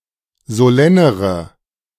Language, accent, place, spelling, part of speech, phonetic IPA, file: German, Germany, Berlin, solennere, adjective, [zoˈlɛnəʁə], De-solennere.ogg
- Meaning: inflection of solenn: 1. strong/mixed nominative/accusative feminine singular comparative degree 2. strong nominative/accusative plural comparative degree